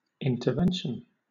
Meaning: The action of intervening; interfering in some course of events
- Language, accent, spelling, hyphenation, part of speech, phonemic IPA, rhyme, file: English, Southern England, intervention, in‧ter‧ven‧tion, noun, /ɪntəˈvɛnʃən/, -ɛnʃən, LL-Q1860 (eng)-intervention.wav